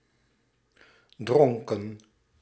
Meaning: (adjective) drunk, drunken, in a state of intoxication after drinking alcohol beverages; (verb) inflection of drinken: 1. plural past indicative 2. plural past subjunctive; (noun) plural of dronk
- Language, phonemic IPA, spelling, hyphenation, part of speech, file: Dutch, /ˈdrɔŋ.kə(n)/, dronken, dron‧ken, adjective / verb / noun, Nl-dronken.ogg